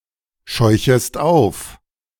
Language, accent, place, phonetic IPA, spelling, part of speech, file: German, Germany, Berlin, [ˌʃɔɪ̯çəst ˈaʊ̯f], scheuchest auf, verb, De-scheuchest auf.ogg
- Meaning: second-person singular subjunctive I of aufscheuchen